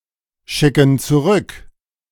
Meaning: inflection of zurückschicken: 1. first/third-person plural present 2. first/third-person plural subjunctive I
- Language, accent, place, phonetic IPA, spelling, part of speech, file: German, Germany, Berlin, [ˌʃɪkn̩ t͡suˈʁʏk], schicken zurück, verb, De-schicken zurück.ogg